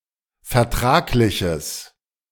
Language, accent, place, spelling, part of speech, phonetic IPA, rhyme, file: German, Germany, Berlin, vertragliches, adjective, [fɛɐ̯ˈtʁaːklɪçəs], -aːklɪçəs, De-vertragliches.ogg
- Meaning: strong/mixed nominative/accusative neuter singular of vertraglich